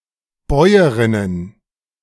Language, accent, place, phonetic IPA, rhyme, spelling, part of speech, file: German, Germany, Berlin, [ˈbɔɪ̯əʁɪnən], -ɔɪ̯əʁɪnən, Bäuerinnen, noun, De-Bäuerinnen.ogg
- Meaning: plural of Bäuerin